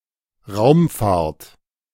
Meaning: 1. a space flight 2. spacefaring (The practice of spaceflight)
- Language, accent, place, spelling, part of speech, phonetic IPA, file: German, Germany, Berlin, Raumfahrt, noun, [ˈʁaʊ̯mˌfaːɐ̯t], De-Raumfahrt.ogg